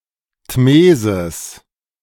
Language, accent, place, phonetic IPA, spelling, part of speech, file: German, Germany, Berlin, [ˈtmeːzɪs], Tmesis, noun, De-Tmesis.ogg
- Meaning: tmesis